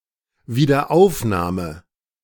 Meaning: 1. resumption, revival 2. renewal 3. readmission
- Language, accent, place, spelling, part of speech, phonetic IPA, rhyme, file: German, Germany, Berlin, Wiederaufnahme, noun, [viːdɐˈʔaʊ̯fnaːmə], -aʊ̯fnaːmə, De-Wiederaufnahme.ogg